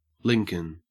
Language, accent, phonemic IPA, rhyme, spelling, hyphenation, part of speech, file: English, Australia, /ˈlɪŋ.kən/, -ɪŋkən, Lincoln, Lin‧coln, proper noun / noun, En-au-Lincoln.ogg
- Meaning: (proper noun) 1. A city and local government district in Lincolnshire, England (OS grid ref SK9771) 2. An English surname from Old English